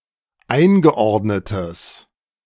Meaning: strong/mixed nominative/accusative neuter singular of eingeordnet
- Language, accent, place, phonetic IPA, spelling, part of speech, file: German, Germany, Berlin, [ˈaɪ̯nɡəˌʔɔʁdnətəs], eingeordnetes, adjective, De-eingeordnetes.ogg